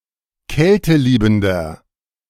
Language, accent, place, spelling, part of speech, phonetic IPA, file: German, Germany, Berlin, kälteliebender, adjective, [ˈkɛltəˌliːbm̩dɐ], De-kälteliebender.ogg
- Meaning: inflection of kälteliebend: 1. strong/mixed nominative masculine singular 2. strong genitive/dative feminine singular 3. strong genitive plural